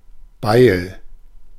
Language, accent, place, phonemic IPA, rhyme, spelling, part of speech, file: German, Germany, Berlin, /baɪ̯l/, -aɪ̯l, Beil, noun, De-Beil.ogg
- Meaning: axe, hatchet